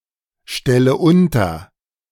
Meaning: inflection of unterstellen: 1. first-person singular present 2. first/third-person singular subjunctive I 3. singular imperative
- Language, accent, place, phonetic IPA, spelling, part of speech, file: German, Germany, Berlin, [ˌʃtɛlə ˈʊntɐ], stelle unter, verb, De-stelle unter.ogg